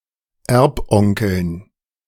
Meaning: dative plural of Erbonkel
- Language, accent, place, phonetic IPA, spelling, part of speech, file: German, Germany, Berlin, [ˈɛʁpˌʔɔŋkl̩n], Erbonkeln, noun, De-Erbonkeln.ogg